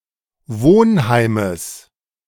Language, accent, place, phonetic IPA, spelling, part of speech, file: German, Germany, Berlin, [ˈvoːnˌhaɪ̯məs], Wohnheimes, noun, De-Wohnheimes.ogg
- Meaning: genitive of Wohnheim